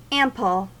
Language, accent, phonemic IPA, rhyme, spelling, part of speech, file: English, US, /ˈæm.pəl/, -æmpəl, ample, determiner / adjective, En-us-ample.ogg
- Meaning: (determiner) 1. A fully sufficient or abundant quantity of; enough or more than enough 2. A quantity (of something) that is fully sufficient; plenty